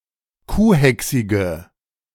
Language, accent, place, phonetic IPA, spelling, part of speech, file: German, Germany, Berlin, [ˈkuːˌhɛksɪɡə], kuhhächsige, adjective, De-kuhhächsige.ogg
- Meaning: inflection of kuhhächsig: 1. strong/mixed nominative/accusative feminine singular 2. strong nominative/accusative plural 3. weak nominative all-gender singular